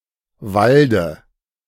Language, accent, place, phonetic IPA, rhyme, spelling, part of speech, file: German, Germany, Berlin, [ˈvaldə], -aldə, Walde, proper noun / noun, De-Walde.ogg
- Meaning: dative of Wald